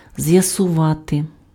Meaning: to ascertain, to discover, to clear up (to find an answer pertaining to a situation)
- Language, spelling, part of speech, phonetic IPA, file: Ukrainian, з'ясувати, verb, [zjɐsʊˈʋate], Uk-з'ясувати.ogg